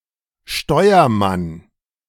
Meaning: 1. helmsman (he who is responsible for steering a ship) 2. coxswain
- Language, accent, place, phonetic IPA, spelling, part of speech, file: German, Germany, Berlin, [ˈʃtɔɪ̯ɐˌman], Steuermann, noun, De-Steuermann.ogg